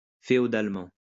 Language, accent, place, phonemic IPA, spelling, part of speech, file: French, France, Lyon, /fe.ɔ.dal.mɑ̃/, féodalement, adverb, LL-Q150 (fra)-féodalement.wav
- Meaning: feudally